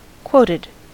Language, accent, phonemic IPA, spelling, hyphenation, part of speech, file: English, US, /ˈkwoʊtɪd/, quoted, quot‧ed, verb, En-us-quoted.ogg
- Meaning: simple past and past participle of quote